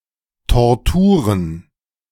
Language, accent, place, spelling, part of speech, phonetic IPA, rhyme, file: German, Germany, Berlin, Torturen, noun, [tɔʁˈtuːʁən], -uːʁən, De-Torturen.ogg
- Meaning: plural of Tortur